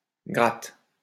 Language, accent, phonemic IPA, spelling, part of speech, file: French, France, /ɡʁat/, gratte, noun / verb, LL-Q150 (fra)-gratte.wav
- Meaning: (noun) guitar; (verb) inflection of gratter: 1. first/third-person singular present indicative/subjunctive 2. second-person singular imperative